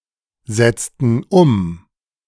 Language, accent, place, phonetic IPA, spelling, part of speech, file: German, Germany, Berlin, [ˌzɛt͡stn̩ ˈʊm], setzten um, verb, De-setzten um.ogg
- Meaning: inflection of umsetzen: 1. first/third-person plural preterite 2. first/third-person plural subjunctive II